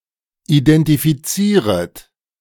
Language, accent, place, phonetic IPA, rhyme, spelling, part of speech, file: German, Germany, Berlin, [idɛntifiˈt͡siːʁət], -iːʁət, identifizieret, verb, De-identifizieret.ogg
- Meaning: second-person plural subjunctive I of identifizieren